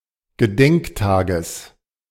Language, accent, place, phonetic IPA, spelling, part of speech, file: German, Germany, Berlin, [ɡəˈdɛŋkˌtaːɡəs], Gedenktages, noun, De-Gedenktages.ogg
- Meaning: genitive of Gedenktag